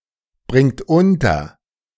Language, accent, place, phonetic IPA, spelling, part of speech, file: German, Germany, Berlin, [ˌbʁɪŋt ˈʊntɐ], bringt unter, verb, De-bringt unter.ogg
- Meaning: inflection of unterbringen: 1. third-person singular present 2. second-person plural present 3. plural imperative